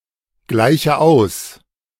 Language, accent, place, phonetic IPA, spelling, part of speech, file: German, Germany, Berlin, [ˌɡlaɪ̯çə ˈaʊ̯s], gleiche aus, verb, De-gleiche aus.ogg
- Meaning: inflection of ausgleichen: 1. first-person singular present 2. first/third-person singular subjunctive I 3. singular imperative